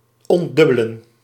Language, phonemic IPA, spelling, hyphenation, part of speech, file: Dutch, /ˌɔn(t)ˈdʏ.bə.lə(n)/, ontdubbelen, ont‧dub‧be‧len, verb, Nl-ontdubbelen.ogg
- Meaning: 1. to split off, to duplicate 2. to degeminate 3. to undo duplication, to remove duplications